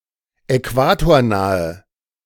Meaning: inflection of äquatornah: 1. strong/mixed nominative/accusative feminine singular 2. strong nominative/accusative plural 3. weak nominative all-gender singular
- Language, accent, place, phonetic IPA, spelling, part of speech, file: German, Germany, Berlin, [ɛˈkvaːtoːɐ̯ˌnaːə], äquatornahe, adjective, De-äquatornahe.ogg